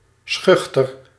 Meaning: shy
- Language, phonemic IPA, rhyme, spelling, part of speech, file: Dutch, /ˈsxʏxtər/, -ʏxtər, schuchter, adjective, Nl-schuchter.ogg